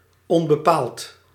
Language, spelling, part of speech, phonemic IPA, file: Dutch, onbepaald, adjective, /ˌɔmbəˈpalt/, Nl-onbepaald.ogg
- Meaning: uncertain, indefinite